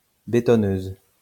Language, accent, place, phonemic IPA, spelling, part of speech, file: French, France, Lyon, /be.tɔ.nøz/, bétonneuse, noun, LL-Q150 (fra)-bétonneuse.wav
- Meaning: cement mixer